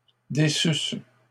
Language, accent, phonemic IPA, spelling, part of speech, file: French, Canada, /de.sys/, déçusses, verb, LL-Q150 (fra)-déçusses.wav
- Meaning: second-person singular imperfect subjunctive of décevoir